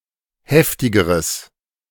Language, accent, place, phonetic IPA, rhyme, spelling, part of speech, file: German, Germany, Berlin, [ˈhɛftɪɡəʁəs], -ɛftɪɡəʁəs, heftigeres, adjective, De-heftigeres.ogg
- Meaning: strong/mixed nominative/accusative neuter singular comparative degree of heftig